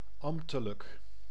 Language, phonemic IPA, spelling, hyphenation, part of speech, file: Dutch, /ˈɑm(p).tə.lək/, ambtelijk, amb‧te‧lijk, adjective, Nl-ambtelijk.ogg
- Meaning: official